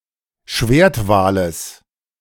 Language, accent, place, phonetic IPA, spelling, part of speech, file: German, Germany, Berlin, [ˈʃveːɐ̯tˌvaːləs], Schwertwales, noun, De-Schwertwales.ogg
- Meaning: genitive of Schwertwal